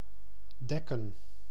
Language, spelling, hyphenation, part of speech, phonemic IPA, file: Dutch, dekken, dek‧ken, verb, /ˈdɛkə(n)/, Nl-dekken.ogg
- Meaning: 1. to cover 2. to set (the table) 3. to mount and impregnate (a female animal)